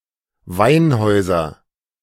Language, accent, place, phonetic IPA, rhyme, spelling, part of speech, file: German, Germany, Berlin, [ˈvaɪ̯nˌhɔɪ̯zɐ], -aɪ̯nhɔɪ̯zɐ, Weinhäuser, noun, De-Weinhäuser.ogg
- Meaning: nominative/accusative/genitive plural of Weinhaus